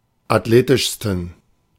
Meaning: 1. superlative degree of athletisch 2. inflection of athletisch: strong genitive masculine/neuter singular superlative degree
- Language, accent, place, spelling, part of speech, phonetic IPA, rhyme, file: German, Germany, Berlin, athletischsten, adjective, [atˈleːtɪʃstn̩], -eːtɪʃstn̩, De-athletischsten.ogg